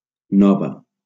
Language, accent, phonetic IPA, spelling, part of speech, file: Catalan, Valencia, [ˈnɔ.va], nova, adjective / noun, LL-Q7026 (cat)-nova.wav
- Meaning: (adjective) feminine singular of nou; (noun) news